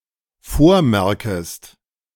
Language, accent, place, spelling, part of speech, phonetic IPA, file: German, Germany, Berlin, vormerkest, verb, [ˈfoːɐ̯ˌmɛʁkəst], De-vormerkest.ogg
- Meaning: second-person singular dependent subjunctive I of vormerken